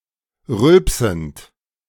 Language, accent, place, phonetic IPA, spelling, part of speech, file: German, Germany, Berlin, [ˈʁʏlpsn̩t], rülpsend, verb, De-rülpsend.ogg
- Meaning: present participle of rülpsen